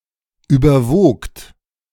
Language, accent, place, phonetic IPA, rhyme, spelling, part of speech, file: German, Germany, Berlin, [ˌyːbɐˈvoːkt], -oːkt, überwogt, verb, De-überwogt.ogg
- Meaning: second-person plural preterite of überwiegen